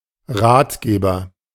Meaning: 1. advisor, counselor (male or of unspecified gender) 2. guidebook
- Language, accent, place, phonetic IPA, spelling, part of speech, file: German, Germany, Berlin, [ˈʁaːtˌɡeːbɐ], Ratgeber, noun, De-Ratgeber.ogg